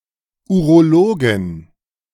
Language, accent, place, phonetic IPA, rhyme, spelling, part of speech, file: German, Germany, Berlin, [uʁoˈloːɡn̩], -oːɡn̩, Urologen, noun, De-Urologen.ogg
- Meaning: genitive singular of Urologe